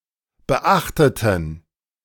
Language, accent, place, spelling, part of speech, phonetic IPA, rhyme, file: German, Germany, Berlin, beachteten, adjective / verb, [bəˈʔaxtətn̩], -axtətn̩, De-beachteten.ogg
- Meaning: inflection of beachten: 1. first/third-person plural preterite 2. first/third-person plural subjunctive II